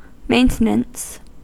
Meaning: Actions performed to keep some machine or system functioning or in service
- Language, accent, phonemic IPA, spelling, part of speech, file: English, US, /ˈmeɪnt(ə)nəns/, maintenance, noun, En-us-maintenance.ogg